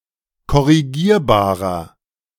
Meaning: inflection of korrigierbar: 1. strong/mixed nominative masculine singular 2. strong genitive/dative feminine singular 3. strong genitive plural
- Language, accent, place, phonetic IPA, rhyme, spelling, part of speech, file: German, Germany, Berlin, [kɔʁiˈɡiːɐ̯baːʁɐ], -iːɐ̯baːʁɐ, korrigierbarer, adjective, De-korrigierbarer.ogg